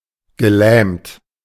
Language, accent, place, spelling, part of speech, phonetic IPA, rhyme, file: German, Germany, Berlin, gelähmt, adjective / verb, [ɡəˈlɛːmt], -ɛːmt, De-gelähmt.ogg
- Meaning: past participle of lähmen